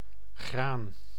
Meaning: 1. grain, the edible seeds of certain grasses 2. a grain plant, crop or harvest 3. a cereal, a type of grass 4. a single grain, a single cereal seed 5. a single grain, a granular particle
- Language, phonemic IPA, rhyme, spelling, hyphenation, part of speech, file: Dutch, /ɣraːn/, -aːn, graan, graan, noun, Nl-graan.ogg